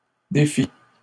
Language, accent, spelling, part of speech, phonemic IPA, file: French, Canada, défît, verb, /de.fi/, LL-Q150 (fra)-défît.wav
- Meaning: third-person singular imperfect subjunctive of défaire